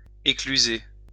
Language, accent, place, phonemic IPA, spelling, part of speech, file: French, France, Lyon, /e.kly.ze/, écluser, verb, LL-Q150 (fra)-écluser.wav
- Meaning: 1. to pass through a lock 2. to drink; to booze